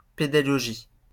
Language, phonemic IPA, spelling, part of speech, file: French, /pe.da.ɡɔ.ʒi/, pédagogie, noun, LL-Q150 (fra)-pédagogie.wav
- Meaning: 1. pedagogy; education 2. learning